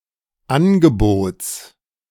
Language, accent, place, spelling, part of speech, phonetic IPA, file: German, Germany, Berlin, Angebots, noun, [ˈanɡəˌboːt͡s], De-Angebots.ogg
- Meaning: genitive singular of Angebot